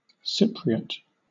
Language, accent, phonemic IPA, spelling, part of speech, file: English, Southern England, /ˈsɪp.ɹi.ət/, Cypriot, proper noun / noun / adjective, LL-Q1860 (eng)-Cypriot.wav
- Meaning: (proper noun) 1. The dialect of Greek spoken in Cyprus 2. The dialect of Turkish spoken in Cyprus; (noun) A person from Cyprus; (adjective) Of, from, or relating to Cyprus